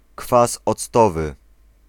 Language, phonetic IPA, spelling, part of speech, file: Polish, [ˈkfas ɔt͡sˈtɔvɨ], kwas octowy, noun, Pl-kwas octowy.ogg